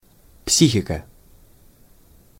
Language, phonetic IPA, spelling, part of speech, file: Russian, [ˈpsʲixʲɪkə], психика, noun, Ru-психика.ogg
- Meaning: 1. psyche, mind, mentality 2. psychics